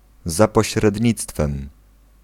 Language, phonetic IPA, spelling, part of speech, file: Polish, [ˌza‿pɔɕrɛdʲˈɲit͡stfɛ̃m], za pośrednictwem, prepositional phrase, Pl-za pośrednictwem.ogg